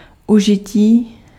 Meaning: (noun) 1. verbal noun of užít 2. use; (adjective) animate masculine nominative/vocative plural of užitý
- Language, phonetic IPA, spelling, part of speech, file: Czech, [ˈuʒɪciː], užití, noun / adjective, Cs-užití.ogg